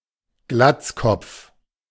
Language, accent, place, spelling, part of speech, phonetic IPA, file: German, Germany, Berlin, Glatzkopf, noun, [ˈɡlat͡sˌkɔp͡f], De-Glatzkopf.ogg
- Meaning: baldie